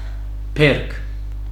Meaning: harvest, yield, crop
- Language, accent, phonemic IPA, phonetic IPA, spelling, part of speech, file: Armenian, Western Armenian, /peɾk/, [pʰeɾkʰ], բերք, noun, HyW-Hy-բերք.ogg